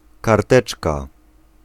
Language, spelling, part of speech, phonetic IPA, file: Polish, karteczka, noun, [karˈtɛt͡ʃka], Pl-karteczka.ogg